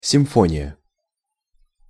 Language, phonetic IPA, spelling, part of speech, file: Russian, [sʲɪmˈfonʲɪjə], симфония, noun, Ru-симфония.ogg
- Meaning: 1. symphony 2. concordance (type of alphabetical index)